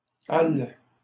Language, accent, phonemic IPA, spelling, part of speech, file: French, Canada, /al/, alle, pronoun, LL-Q150 (fra)-alle.wav
- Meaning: she (third-person singular feminine)